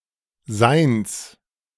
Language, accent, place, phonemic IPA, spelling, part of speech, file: German, Germany, Berlin, /zaɪ̯ns/, seins, pronoun, De-seins.ogg
- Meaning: alternative form of seines